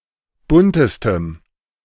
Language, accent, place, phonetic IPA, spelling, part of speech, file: German, Germany, Berlin, [ˈbʊntəstəm], buntestem, adjective, De-buntestem.ogg
- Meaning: strong dative masculine/neuter singular superlative degree of bunt